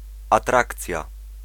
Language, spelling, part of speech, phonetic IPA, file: Polish, atrakcja, noun, [aˈtrakt͡sʲja], Pl-atrakcja.ogg